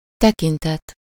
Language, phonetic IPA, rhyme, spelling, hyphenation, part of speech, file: Hungarian, [ˈtɛkintɛt], -ɛt, tekintet, te‧kin‧tet, noun, Hu-tekintet.ogg
- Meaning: 1. look, glance, gaze (expression in/of the eyes) 2. aspect, respect, regard, relation, point of view